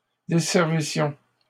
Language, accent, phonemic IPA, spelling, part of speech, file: French, Canada, /de.sɛʁ.vi.sjɔ̃/, desservissions, verb, LL-Q150 (fra)-desservissions.wav
- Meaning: first-person plural imperfect subjunctive of desservir